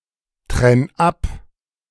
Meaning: 1. singular imperative of abtrennen 2. first-person singular present of abtrennen
- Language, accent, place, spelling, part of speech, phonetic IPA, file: German, Germany, Berlin, trenn ab, verb, [ˌtʁɛn ˈap], De-trenn ab.ogg